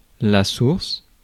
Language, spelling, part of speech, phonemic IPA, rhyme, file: French, source, noun / verb, /suʁs/, -uʁs, Fr-source.ogg
- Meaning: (noun) 1. source, spring (of water) 2. source, origin (of anything); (verb) inflection of sourcer: first-person singular/third-person singular present indicative/present subjunctive